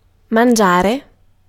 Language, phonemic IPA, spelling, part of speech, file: Italian, /manˈdʒare/, mangiare, noun / verb, It-mangiare.ogg